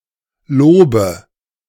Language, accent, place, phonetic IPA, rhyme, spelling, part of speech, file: German, Germany, Berlin, [ˈloːbə], -oːbə, Lobe, noun, De-Lobe.ogg
- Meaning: nominative/accusative/genitive plural of Lob